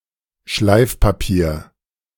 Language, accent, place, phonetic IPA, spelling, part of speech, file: German, Germany, Berlin, [ˈʃlaɪ̯fpaˌpiːɐ̯], Schleifpapier, noun, De-Schleifpapier.ogg
- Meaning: abrasive paper